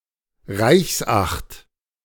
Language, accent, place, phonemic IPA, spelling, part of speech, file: German, Germany, Berlin, /ˈʁaɪ̯çsˌʔaxt/, Reichsacht, noun, De-Reichsacht.ogg
- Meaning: Imperial ban